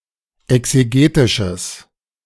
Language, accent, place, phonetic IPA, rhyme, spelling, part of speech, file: German, Germany, Berlin, [ɛkseˈɡeːtɪʃəs], -eːtɪʃəs, exegetisches, adjective, De-exegetisches.ogg
- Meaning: strong/mixed nominative/accusative neuter singular of exegetisch